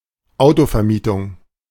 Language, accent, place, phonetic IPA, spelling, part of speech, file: German, Germany, Berlin, [ˈaʊ̯tofɛɐ̯ˌmiːtʊŋ], Autovermietung, noun, De-Autovermietung.ogg
- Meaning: car hire, car rental